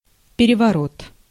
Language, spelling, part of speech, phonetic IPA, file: Russian, переворот, noun, [pʲɪrʲɪvɐˈrot], Ru-переворот.ogg
- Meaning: 1. somersault 2. revolution 3. coup d'état, revolt, revolution (the removal and replacement of a government)